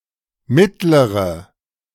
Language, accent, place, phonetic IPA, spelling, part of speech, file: German, Germany, Berlin, [ˈmɪtləʁə], mittlere, adjective, De-mittlere.ogg
- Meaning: inflection of mittlerer: 1. strong/mixed nominative/accusative feminine singular 2. strong nominative/accusative plural 3. weak nominative all-gender singular